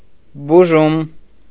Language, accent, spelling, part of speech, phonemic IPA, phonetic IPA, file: Armenian, Eastern Armenian, բուժում, noun, /buˈʒum/, [buʒúm], Hy-բուժում.ogg
- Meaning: treatment, healing